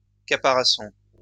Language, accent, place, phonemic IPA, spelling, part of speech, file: French, France, Lyon, /ka.pa.ʁa.sɔ̃/, caparaçon, noun, LL-Q150 (fra)-caparaçon.wav
- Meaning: caparison